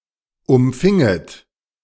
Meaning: second-person plural subjunctive II of umfangen
- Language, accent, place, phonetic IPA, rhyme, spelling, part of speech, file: German, Germany, Berlin, [ʊmˈfɪŋət], -ɪŋət, umfinget, verb, De-umfinget.ogg